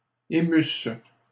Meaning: third-person plural imperfect subjunctive of émouvoir
- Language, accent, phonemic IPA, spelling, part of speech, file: French, Canada, /e.mys/, émussent, verb, LL-Q150 (fra)-émussent.wav